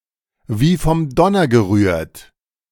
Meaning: thunderstruck
- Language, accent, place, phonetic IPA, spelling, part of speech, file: German, Germany, Berlin, [viː fɔm ˈdɔnɐ ɡəˈʁyːɐ̯t], wie vom Donner gerührt, phrase, De-wie vom Donner gerührt.ogg